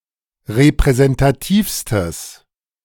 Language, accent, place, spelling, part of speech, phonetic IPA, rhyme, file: German, Germany, Berlin, repräsentativstes, adjective, [ʁepʁɛzɛntaˈtiːfstəs], -iːfstəs, De-repräsentativstes.ogg
- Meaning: strong/mixed nominative/accusative neuter singular superlative degree of repräsentativ